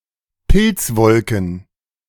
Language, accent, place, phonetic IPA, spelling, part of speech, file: German, Germany, Berlin, [ˈpɪlt͡sˌvɔlkn̩], Pilzwolken, noun, De-Pilzwolken.ogg
- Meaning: plural of Pilzwolke